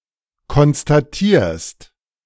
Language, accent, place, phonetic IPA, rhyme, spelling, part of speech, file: German, Germany, Berlin, [kɔnstaˈtiːɐ̯st], -iːɐ̯st, konstatierst, verb, De-konstatierst.ogg
- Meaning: second-person singular present of konstatieren